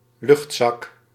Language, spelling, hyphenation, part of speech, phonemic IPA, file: Dutch, luchtzak, lucht‧zak, noun, /ˈlʏxt.sɑk/, Nl-luchtzak.ogg
- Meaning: 1. a downdraught, a downdraft 2. the ballonet of a blimp 3. a bag of air 4. a pocket (cavity) of air